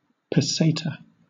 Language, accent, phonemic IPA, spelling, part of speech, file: English, Southern England, /pəˈseɪtə/, peseta, noun, LL-Q1860 (eng)-peseta.wav
- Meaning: 1. The former currency of the Spanish Empire and Andorra, divided into 100 céntimos 2. The Equatorial Guinean peseta, a former currency of Equatorial Guinea